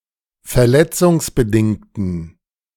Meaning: inflection of verletzungsbedingt: 1. strong genitive masculine/neuter singular 2. weak/mixed genitive/dative all-gender singular 3. strong/weak/mixed accusative masculine singular
- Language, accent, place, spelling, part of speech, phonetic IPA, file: German, Germany, Berlin, verletzungsbedingten, adjective, [fɛɐ̯ˈlɛt͡sʊŋsbəˌdɪŋtn̩], De-verletzungsbedingten.ogg